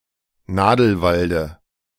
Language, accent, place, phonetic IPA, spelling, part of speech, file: German, Germany, Berlin, [ˈnaːdl̩ˌvaldə], Nadelwalde, noun, De-Nadelwalde.ogg
- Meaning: dative of Nadelwald